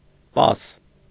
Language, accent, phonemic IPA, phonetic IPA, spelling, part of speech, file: Armenian, Eastern Armenian, /pɑs/, [pɑs], պաս, noun, Hy-պաս.ogg
- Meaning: alternative form of պահք (pahkʻ)